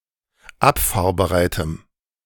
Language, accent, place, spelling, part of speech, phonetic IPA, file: German, Germany, Berlin, abfahrbereitem, adjective, [ˈapfaːɐ̯bəˌʁaɪ̯təm], De-abfahrbereitem.ogg
- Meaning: strong dative masculine/neuter singular of abfahrbereit